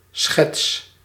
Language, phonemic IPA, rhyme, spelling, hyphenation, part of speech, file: Dutch, /sxɛts/, -ɛts, schets, schets, noun / verb, Nl-schets.ogg
- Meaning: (noun) sketch; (verb) inflection of schetsen: 1. first-person singular present indicative 2. second-person singular present indicative 3. imperative